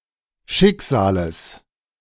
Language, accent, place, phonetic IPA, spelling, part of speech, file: German, Germany, Berlin, [ˈʃɪkˌz̥aːləs], Schicksales, noun, De-Schicksales.ogg
- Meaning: genitive singular of Schicksal